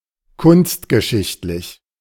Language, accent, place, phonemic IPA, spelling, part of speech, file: German, Germany, Berlin, /ˈkʊnstɡəˌʃɪçtlɪç/, kunstgeschichtlich, adjective, De-kunstgeschichtlich.ogg
- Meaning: art-historical